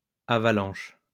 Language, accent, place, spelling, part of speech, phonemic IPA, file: French, France, Lyon, avalanches, noun, /a.va.lɑ̃ʃ/, LL-Q150 (fra)-avalanches.wav
- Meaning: plural of avalanche